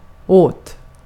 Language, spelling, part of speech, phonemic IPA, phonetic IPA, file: Swedish, åt, preposition / verb, /oːt/, [oə̯t], Sv-åt.ogg
- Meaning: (preposition) 1. for 2. on someone's behalf, for someone's benefit 3. to, towards, in a certain direction; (verb) past indicative of äta